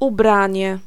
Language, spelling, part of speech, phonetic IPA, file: Polish, ubranie, noun, [uˈbrãɲɛ], Pl-ubranie.ogg